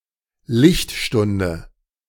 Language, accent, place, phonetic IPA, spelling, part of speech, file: German, Germany, Berlin, [ˈlɪçtˌʃtʊndə], Lichtstunde, noun, De-Lichtstunde.ogg
- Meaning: light hour (unit of distance)